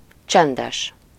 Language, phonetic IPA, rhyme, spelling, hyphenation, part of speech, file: Hungarian, [ˈt͡ʃɛndɛʃ], -ɛʃ, csendes, csen‧des, adjective / noun, Hu-csendes.ogg
- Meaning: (adjective) silent, quiet; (noun) 1. a gambling type card game played with the Hungarian playing cards 2. a slow csardas (a Hungarian folk dance danced in a slow tempo)